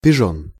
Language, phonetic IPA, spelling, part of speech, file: Russian, [pʲɪˈʐon], пижон, noun, Ru-пижон.ogg
- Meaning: 1. fop 2. unexperienced young man